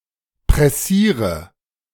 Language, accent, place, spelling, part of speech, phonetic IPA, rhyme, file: German, Germany, Berlin, pressiere, verb, [pʁɛˈsiːʁə], -iːʁə, De-pressiere.ogg
- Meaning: inflection of pressieren: 1. first-person singular present 2. first/third-person singular subjunctive I 3. singular imperative